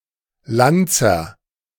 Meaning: infantryman
- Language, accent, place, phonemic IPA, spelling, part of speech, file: German, Germany, Berlin, /ˈlant͡sɐ/, Landser, noun, De-Landser.ogg